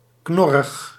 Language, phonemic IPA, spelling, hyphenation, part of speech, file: Dutch, /ˈknɔ.rəx/, knorrig, knor‧rig, adjective, Nl-knorrig.ogg
- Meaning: 1. grumpy, surly 2. knotty, gnarled